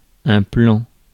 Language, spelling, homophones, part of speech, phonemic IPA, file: French, plan, plans / plant / plants, noun / adjective, /plɑ̃/, Fr-plan.ogg
- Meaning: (noun) 1. map (schematic maps of streets, subways, etc.) 2. plane (flat surface) 3. plane 4. shot 5. plan 6. hookup (short for plan cul) 7. deal (short for bon plan)